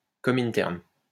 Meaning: Comintern (international association of Communist parties)
- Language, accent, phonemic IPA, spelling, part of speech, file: French, France, /kɔ.min.tɛʁn/, Komintern, proper noun, LL-Q150 (fra)-Komintern.wav